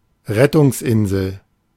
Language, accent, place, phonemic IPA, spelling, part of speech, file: German, Germany, Berlin, /ˈrɛtʊŋsˌʔɪnzəl/, Rettungsinsel, noun, De-Rettungsinsel.ogg
- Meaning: a float on water designed to admit human load but only driven by water in a random direction, life raft